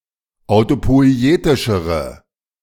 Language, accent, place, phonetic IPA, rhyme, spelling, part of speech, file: German, Germany, Berlin, [aʊ̯topɔɪ̯ˈeːtɪʃəʁə], -eːtɪʃəʁə, autopoietischere, adjective, De-autopoietischere.ogg
- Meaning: inflection of autopoietisch: 1. strong/mixed nominative/accusative feminine singular comparative degree 2. strong nominative/accusative plural comparative degree